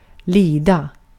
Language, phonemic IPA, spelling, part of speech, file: Swedish, /²liːda/, lida, verb, Sv-lida.ogg
- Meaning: 1. to suffer; to undergo hardship 2. to suffer; to feel pain 3. to suffer (to have a disease or condition) 4. to pass, to go (of time) 5. to (be able to) stand, to (be able to) tolerate